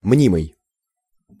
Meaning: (verb) present passive imperfective participle of мнить (mnitʹ); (adjective) 1. imaginary 2. sham
- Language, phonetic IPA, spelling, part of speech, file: Russian, [ˈmnʲimɨj], мнимый, verb / adjective, Ru-мнимый.ogg